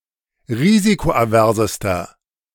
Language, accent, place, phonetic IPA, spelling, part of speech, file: German, Germany, Berlin, [ˈʁiːzikoʔaˌvɛʁzəstɐ], risikoaversester, adjective, De-risikoaversester.ogg
- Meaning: inflection of risikoavers: 1. strong/mixed nominative masculine singular superlative degree 2. strong genitive/dative feminine singular superlative degree 3. strong genitive plural superlative degree